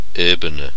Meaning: 1. plain 2. plane 3. storey, floor 4. level
- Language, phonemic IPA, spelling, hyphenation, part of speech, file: German, /ˈʔeːbənə/, Ebene, Ebe‧ne, noun, De-Ebene.ogg